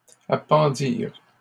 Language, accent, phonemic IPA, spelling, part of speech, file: French, Canada, /a.pɑ̃.diʁ/, appendirent, verb, LL-Q150 (fra)-appendirent.wav
- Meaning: third-person plural past historic of appendre